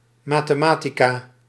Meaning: mathematics
- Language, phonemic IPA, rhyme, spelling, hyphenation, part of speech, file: Dutch, /ˌmaː.teːˈmaː.ti.kaː/, -aːtikaː, mathematica, ma‧the‧ma‧ti‧ca, noun, Nl-mathematica.ogg